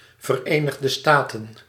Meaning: ellipsis of Verenigde Staten van Amerika (“United States of America”)
- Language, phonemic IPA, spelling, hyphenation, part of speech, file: Dutch, /vəˌreː.nəx.də ˈstaː.tə(n)/, Verenigde Staten, Ver‧enig‧de Sta‧ten, proper noun, Nl-Verenigde Staten.ogg